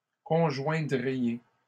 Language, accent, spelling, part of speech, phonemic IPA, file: French, Canada, conjoindriez, verb, /kɔ̃.ʒwɛ̃.dʁi.je/, LL-Q150 (fra)-conjoindriez.wav
- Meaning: second-person plural conditional of conjoindre